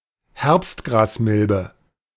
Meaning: harvest mite
- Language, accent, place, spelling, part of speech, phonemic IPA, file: German, Germany, Berlin, Herbstgrasmilbe, noun, /ˈhɛʁps(t).ɡʁaːsˌmɪl.bə/, De-Herbstgrasmilbe.ogg